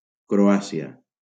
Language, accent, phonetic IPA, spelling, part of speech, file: Catalan, Valencia, [kɾoˈa.si.a], Croàcia, proper noun, LL-Q7026 (cat)-Croàcia.wav
- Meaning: Croatia (a country on the Balkan Peninsula in Southeastern Europe)